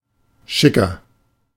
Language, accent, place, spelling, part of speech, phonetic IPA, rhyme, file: German, Germany, Berlin, chicer, adjective, [ˈʃɪkɐ], -ɪkɐ, De-chicer.ogg
- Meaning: 1. comparative degree of chic 2. inflection of chic: strong/mixed nominative masculine singular 3. inflection of chic: strong genitive/dative feminine singular